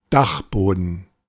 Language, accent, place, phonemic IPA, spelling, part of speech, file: German, Germany, Berlin, /ˈdaxˌboːdən/, Dachboden, noun, De-Dachboden.ogg
- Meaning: attic